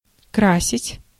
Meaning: 1. to color, to paint, to dye 2. to adorn, to beautify, to decorate, to embellish
- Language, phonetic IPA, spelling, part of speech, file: Russian, [ˈkrasʲɪtʲ], красить, verb, Ru-красить.ogg